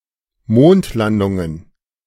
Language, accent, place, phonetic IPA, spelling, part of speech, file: German, Germany, Berlin, [ˈmoːntˌlandʊŋən], Mondlandungen, noun, De-Mondlandungen.ogg
- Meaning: plural of Mondlandung